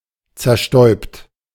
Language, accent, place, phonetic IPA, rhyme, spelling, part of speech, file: German, Germany, Berlin, [t͡sɛɐ̯ˈʃtɔɪ̯pt], -ɔɪ̯pt, zerstäubt, verb, De-zerstäubt.ogg
- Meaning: 1. past participle of zerstäuben 2. inflection of zerstäuben: second-person plural present 3. inflection of zerstäuben: third-person singular present 4. inflection of zerstäuben: plural imperative